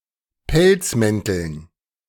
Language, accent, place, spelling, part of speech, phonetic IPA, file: German, Germany, Berlin, Pelzmänteln, noun, [ˈpɛlt͡sˌmɛntl̩n], De-Pelzmänteln.ogg
- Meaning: dative plural of Pelzmantel